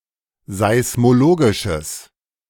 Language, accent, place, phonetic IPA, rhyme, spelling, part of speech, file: German, Germany, Berlin, [zaɪ̯smoˈloːɡɪʃəs], -oːɡɪʃəs, seismologisches, adjective, De-seismologisches.ogg
- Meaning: strong/mixed nominative/accusative neuter singular of seismologisch